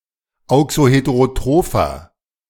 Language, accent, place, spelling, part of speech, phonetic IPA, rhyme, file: German, Germany, Berlin, auxoheterotropher, adjective, [ˌaʊ̯ksoˌheteʁoˈtʁoːfɐ], -oːfɐ, De-auxoheterotropher.ogg
- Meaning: inflection of auxoheterotroph: 1. strong/mixed nominative masculine singular 2. strong genitive/dative feminine singular 3. strong genitive plural